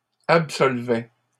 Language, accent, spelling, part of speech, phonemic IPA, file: French, Canada, absolvait, verb, /ap.sɔl.vɛ/, LL-Q150 (fra)-absolvait.wav
- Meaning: third-person singular imperfect indicative of absoudre